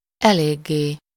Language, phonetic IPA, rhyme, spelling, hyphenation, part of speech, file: Hungarian, [ˈɛleːɡːeː], -ɡeː, eléggé, elég‧gé, adverb, Hu-eléggé.ogg
- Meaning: fairly, quite, pretty much